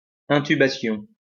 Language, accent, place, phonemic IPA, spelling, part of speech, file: French, France, Lyon, /ɛ̃.ty.ba.sjɔ̃/, intubation, noun, LL-Q150 (fra)-intubation.wav
- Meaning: intubation